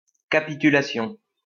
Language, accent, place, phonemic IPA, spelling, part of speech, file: French, France, Lyon, /ka.pi.ty.la.sjɔ̃/, capitulation, noun, LL-Q150 (fra)-capitulation.wav
- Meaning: treaty, convention; especially a treaty regarding the rights of nationals of one party with respect to the government of the other party